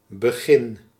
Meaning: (noun) start, beginning; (verb) inflection of beginnen: 1. first-person singular present indicative 2. second-person singular present indicative 3. imperative
- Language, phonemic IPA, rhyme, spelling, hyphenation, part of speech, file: Dutch, /bəˈɣɪn/, -ɪn, begin, be‧gin, noun / verb, Nl-begin.ogg